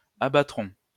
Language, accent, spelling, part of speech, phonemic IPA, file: French, France, abattront, verb, /a.ba.tʁɔ̃/, LL-Q150 (fra)-abattront.wav
- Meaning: third-person plural future of abattre